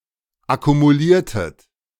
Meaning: inflection of akkumulieren: 1. second-person plural preterite 2. second-person plural subjunctive II
- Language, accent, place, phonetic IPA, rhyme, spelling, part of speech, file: German, Germany, Berlin, [akumuˈliːɐ̯tət], -iːɐ̯tət, akkumuliertet, verb, De-akkumuliertet.ogg